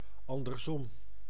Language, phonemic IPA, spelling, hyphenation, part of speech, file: Dutch, /ˌɑn.dərsˈɔm/, andersom, an‧ders‧om, adverb, Nl-andersom.ogg
- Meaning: the other way around